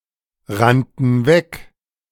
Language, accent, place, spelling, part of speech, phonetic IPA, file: German, Germany, Berlin, rannten weg, verb, [ˌʁantn̩ ˈvɛk], De-rannten weg.ogg
- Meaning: first/third-person plural preterite of wegrennen